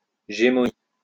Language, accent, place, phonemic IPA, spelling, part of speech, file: French, France, Lyon, /ʒe.mɔ.ni/, gémonies, noun, LL-Q150 (fra)-gémonies.wav
- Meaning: the place in Ancient Rome where the bodies of executed people were exposed